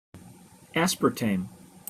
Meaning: An artificial sweetener, the methyl ester of a dipeptide formed from aspartic acid and phenylalanine, used in many processed foods and beverages
- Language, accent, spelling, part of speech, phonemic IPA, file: English, General American, aspartame, noun, /ˈæspɚˌteɪm/, En-us-aspartame.opus